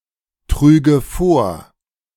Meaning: first/third-person singular subjunctive II of vortragen
- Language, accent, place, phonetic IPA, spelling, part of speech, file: German, Germany, Berlin, [ˌtʁyːɡə ˈfoːɐ̯], trüge vor, verb, De-trüge vor.ogg